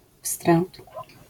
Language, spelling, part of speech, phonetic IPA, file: Polish, wstręt, noun, [fstrɛ̃nt], LL-Q809 (pol)-wstręt.wav